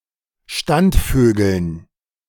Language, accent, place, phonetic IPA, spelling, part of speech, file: German, Germany, Berlin, [ˈʃtantˌføːɡl̩n], Standvögeln, noun, De-Standvögeln.ogg
- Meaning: dative plural of Standvogel